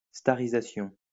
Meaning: Making into a star
- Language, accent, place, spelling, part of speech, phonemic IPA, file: French, France, Lyon, starisation, noun, /sta.ʁi.za.sjɔ̃/, LL-Q150 (fra)-starisation.wav